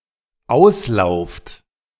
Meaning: second-person plural dependent present of auslaufen
- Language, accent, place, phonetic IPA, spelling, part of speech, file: German, Germany, Berlin, [ˈaʊ̯sˌlaʊ̯ft], auslauft, verb, De-auslauft.ogg